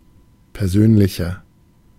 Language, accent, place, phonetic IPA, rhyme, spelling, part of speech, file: German, Germany, Berlin, [pɛʁˈzøːnlɪçɐ], -øːnlɪçɐ, persönlicher, adjective, De-persönlicher.ogg
- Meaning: 1. comparative degree of persönlich 2. inflection of persönlich: strong/mixed nominative masculine singular 3. inflection of persönlich: strong genitive/dative feminine singular